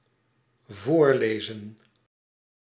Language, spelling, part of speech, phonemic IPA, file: Dutch, voorlezen, verb, /ˈvoːrˌleː.zə(n)/, Nl-voorlezen.ogg
- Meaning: to read aloud